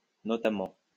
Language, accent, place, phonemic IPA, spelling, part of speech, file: French, France, Lyon, /nɔ.ta.mɑ̃/, notamment, adverb, LL-Q150 (fra)-notamment.wav
- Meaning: 1. notably 2. especially, in particular, not least 3. for example, for instance